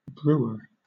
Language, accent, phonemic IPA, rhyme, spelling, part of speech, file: English, Southern England, /ˈbɹuː.ə(ɹ)/, -uːə(ɹ), brewer, noun, LL-Q1860 (eng)-brewer.wav
- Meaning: A person who brews (vocationally or avocationally); especially, one whose occupation is to prepare malt liquors, usually as part of an alemaking or beermaking process